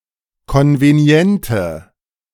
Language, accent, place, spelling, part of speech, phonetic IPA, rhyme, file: German, Germany, Berlin, konveniente, adjective, [ˌkɔnveˈni̯ɛntə], -ɛntə, De-konveniente.ogg
- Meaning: inflection of konvenient: 1. strong/mixed nominative/accusative feminine singular 2. strong nominative/accusative plural 3. weak nominative all-gender singular